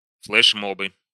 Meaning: nominative/accusative plural of флешмо́б (flɛšmób)
- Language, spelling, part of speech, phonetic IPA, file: Russian, флешмобы, noun, [fɫɨʂˈmobɨ], Ru-флешмобы.ogg